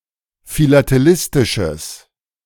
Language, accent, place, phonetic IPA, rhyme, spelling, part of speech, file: German, Germany, Berlin, [filateˈlɪstɪʃəs], -ɪstɪʃəs, philatelistisches, adjective, De-philatelistisches.ogg
- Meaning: strong/mixed nominative/accusative neuter singular of philatelistisch